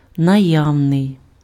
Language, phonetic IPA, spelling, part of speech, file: Ukrainian, [nɐˈjau̯nei̯], наявний, adjective, Uk-наявний.ogg
- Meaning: 1. present (in the immediate vicinity) 2. available (readily obtainable)